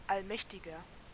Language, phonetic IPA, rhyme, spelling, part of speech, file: German, [alˈmɛçtɪɡɐ], -ɛçtɪɡɐ, allmächtiger, adjective, De-allmächtiger.ogg
- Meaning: inflection of allmächtig: 1. strong/mixed nominative masculine singular 2. strong genitive/dative feminine singular 3. strong genitive plural